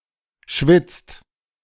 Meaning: inflection of schwitzen: 1. second/third-person singular present 2. second-person plural present 3. plural imperative
- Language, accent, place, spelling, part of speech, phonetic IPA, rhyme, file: German, Germany, Berlin, schwitzt, verb, [ʃvɪt͡st], -ɪt͡st, De-schwitzt.ogg